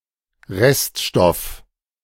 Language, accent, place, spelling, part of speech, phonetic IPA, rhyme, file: German, Germany, Berlin, Reststoff, noun, [ˈʁɛstˌʃtɔf], -ɛstʃtɔf, De-Reststoff.ogg
- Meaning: residue, remnant